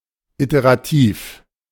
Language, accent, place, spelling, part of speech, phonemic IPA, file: German, Germany, Berlin, iterativ, adjective, /ˌiteʁaˈtiːf/, De-iterativ.ogg
- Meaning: iterative